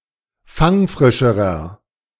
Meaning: inflection of fangfrisch: 1. strong/mixed nominative masculine singular comparative degree 2. strong genitive/dative feminine singular comparative degree 3. strong genitive plural comparative degree
- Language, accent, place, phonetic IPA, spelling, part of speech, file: German, Germany, Berlin, [ˈfaŋˌfʁɪʃəʁɐ], fangfrischerer, adjective, De-fangfrischerer.ogg